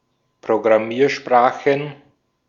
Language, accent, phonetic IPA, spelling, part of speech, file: German, Austria, [pʁoɡʁaˈmiːɐ̯ʃpʁaːxən], Programmiersprachen, noun, De-at-Programmiersprachen.ogg
- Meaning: plural of Programmiersprache